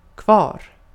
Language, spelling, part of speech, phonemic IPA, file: Swedish, kvar, adjective, /kvɑːr/, Sv-kvar.ogg
- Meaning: left, remaining